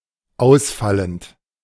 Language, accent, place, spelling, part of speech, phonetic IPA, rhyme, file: German, Germany, Berlin, ausfallend, verb, [ˈaʊ̯sˌfalənt], -aʊ̯sfalənt, De-ausfallend.ogg
- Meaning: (verb) present participle of ausfallen; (adjective) verbally abusive